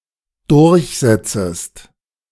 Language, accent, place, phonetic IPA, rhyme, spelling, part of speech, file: German, Germany, Berlin, [dʊʁçˈzɛt͡səst], -ɛt͡səst, durchsetzest, verb, De-durchsetzest.ogg
- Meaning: second-person singular dependent subjunctive I of durchsetzen